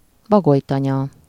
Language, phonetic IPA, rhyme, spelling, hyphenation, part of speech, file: Hungarian, [ˈbɒɡojtɒɲɒ], -ɲɒ, bagolytanya, ba‧goly‧ta‧nya, noun, Hu-bagolytanya.ogg
- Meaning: owlery